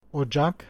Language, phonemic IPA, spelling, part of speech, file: Turkish, /oˈd͡ʒɑk/, ocak, noun, Ocak.ogg
- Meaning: 1. stove, oven, fireplace 2. chimney 3. quarry 4. January 5. home, family, household